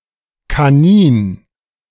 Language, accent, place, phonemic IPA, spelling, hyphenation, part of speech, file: German, Germany, Berlin, /kaˈniːn/, Kanin, Ka‧nin, noun, De-Kanin.ogg
- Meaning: 1. rabbit fur 2. alternative form of Kaninchen